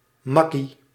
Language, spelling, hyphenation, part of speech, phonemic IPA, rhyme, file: Dutch, makkie, mak‧kie, noun, /ˈmɑ.ki/, -ɑki, Nl-makkie.ogg
- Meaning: breeze, cakewalk, cinch, doddle, piece of cake, walk in the park (something that is easy to do or easy to complete)